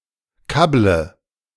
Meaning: inflection of kabbeln: 1. first-person singular present 2. first/third-person singular subjunctive I 3. singular imperative
- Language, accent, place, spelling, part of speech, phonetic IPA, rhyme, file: German, Germany, Berlin, kabble, verb, [ˈkablə], -ablə, De-kabble.ogg